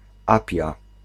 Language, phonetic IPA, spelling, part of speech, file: Polish, [ˈapʲja], Apia, proper noun, Pl-Apia.ogg